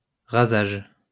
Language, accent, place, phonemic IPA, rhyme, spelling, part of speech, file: French, France, Lyon, /ʁa.zaʒ/, -aʒ, rasage, noun, LL-Q150 (fra)-rasage.wav
- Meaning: shave; shaving (act of shaving)